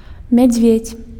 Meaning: bear
- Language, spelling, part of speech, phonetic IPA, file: Belarusian, мядзведзь, noun, [mʲad͡zʲˈvʲet͡sʲ], Be-мядзведзь.ogg